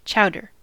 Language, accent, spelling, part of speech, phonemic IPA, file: English, US, chowder, noun / verb, /ˈt͡ʃaʊdɚ/, En-us-chowder.ogg
- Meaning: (noun) 1. A thick, creamy soup or stew 2. A stew, particularly fish or seafood, not necessarily thickened 3. Alternative spelling of jowter; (verb) To make (seafood, etc.) into chowder